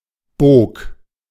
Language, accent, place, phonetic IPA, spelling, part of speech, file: German, Germany, Berlin, [boːk], bog, verb, De-bog.ogg
- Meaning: first/third-person singular preterite of biegen